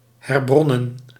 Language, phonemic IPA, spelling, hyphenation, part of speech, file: Dutch, /ˌɦɛrˈbrɔ.nə(n)/, herbronnen, her‧bron‧nen, verb, Nl-herbronnen.ogg
- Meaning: to return to or reconnect with a source; to reorient, to do some introspection